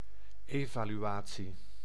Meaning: evaluation
- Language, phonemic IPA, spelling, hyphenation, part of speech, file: Dutch, /ˌeːvaːlyˈaː(t)si/, evaluatie, eva‧lu‧a‧tie, noun, Nl-evaluatie.ogg